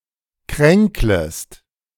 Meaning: second-person singular subjunctive I of kränkeln
- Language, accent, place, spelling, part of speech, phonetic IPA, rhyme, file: German, Germany, Berlin, kränklest, verb, [ˈkʁɛŋkləst], -ɛŋkləst, De-kränklest.ogg